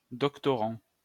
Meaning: doctoral student (studying for a PhD etc)
- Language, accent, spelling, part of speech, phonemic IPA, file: French, France, doctorant, noun, /dɔk.tɔ.ʁɑ̃/, LL-Q150 (fra)-doctorant.wav